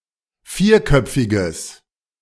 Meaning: strong/mixed nominative/accusative neuter singular of vierköpfig
- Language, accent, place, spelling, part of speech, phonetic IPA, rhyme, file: German, Germany, Berlin, vierköpfiges, adjective, [ˈfiːɐ̯ˌkœp͡fɪɡəs], -iːɐ̯kœp͡fɪɡəs, De-vierköpfiges.ogg